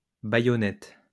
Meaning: plural of baïonnette
- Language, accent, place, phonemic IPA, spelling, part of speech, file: French, France, Lyon, /ba.jɔ.nɛt/, baïonnettes, noun, LL-Q150 (fra)-baïonnettes.wav